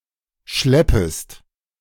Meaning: second-person singular subjunctive I of schleppen
- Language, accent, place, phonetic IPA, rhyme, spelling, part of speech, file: German, Germany, Berlin, [ˈʃlɛpəst], -ɛpəst, schleppest, verb, De-schleppest.ogg